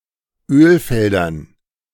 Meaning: dative plural of Ölfeld
- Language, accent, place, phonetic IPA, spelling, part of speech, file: German, Germany, Berlin, [ˈøːlˌfɛldɐn], Ölfeldern, noun, De-Ölfeldern.ogg